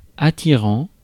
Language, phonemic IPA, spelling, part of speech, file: French, /a.ti.ʁɑ̃/, attirant, adjective / verb, Fr-attirant.ogg
- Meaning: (adjective) attractive; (verb) present participle of attirer